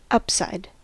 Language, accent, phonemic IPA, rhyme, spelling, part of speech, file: English, US, /ˈʌpˌsaɪd/, -ʌpsaɪd, upside, noun / preposition, En-us-upside.ogg
- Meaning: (noun) 1. The highest or uppermost side or portion of something 2. A favourable aspect of something that also has an unfavourable aspect 3. An upward tendency, especially in a financial market etc